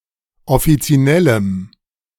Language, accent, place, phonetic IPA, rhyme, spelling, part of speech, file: German, Germany, Berlin, [ɔfit͡siˈnɛləm], -ɛləm, offizinellem, adjective, De-offizinellem.ogg
- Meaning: strong dative masculine/neuter singular of offizinell